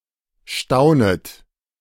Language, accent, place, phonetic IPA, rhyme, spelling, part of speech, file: German, Germany, Berlin, [ˈʃtaʊ̯nət], -aʊ̯nət, staunet, verb, De-staunet.ogg
- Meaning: second-person plural subjunctive I of staunen